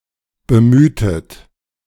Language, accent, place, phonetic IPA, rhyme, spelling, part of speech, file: German, Germany, Berlin, [bəˈmyːtət], -yːtət, bemühtet, verb, De-bemühtet.ogg
- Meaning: inflection of bemühen: 1. second-person plural preterite 2. second-person plural subjunctive II